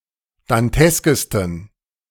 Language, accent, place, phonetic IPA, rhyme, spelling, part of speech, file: German, Germany, Berlin, [danˈtɛskəstn̩], -ɛskəstn̩, danteskesten, adjective, De-danteskesten.ogg
- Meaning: 1. superlative degree of dantesk 2. inflection of dantesk: strong genitive masculine/neuter singular superlative degree